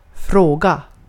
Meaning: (noun) 1. a question (request for information) 2. a question (something (many) people wonder about) 3. a question (on a test) 4. an issue, a question ((current) matter (to be discussed))
- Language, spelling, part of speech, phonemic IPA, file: Swedish, fråga, noun / verb, /ˈfroːˌɡa/, Sv-fråga.ogg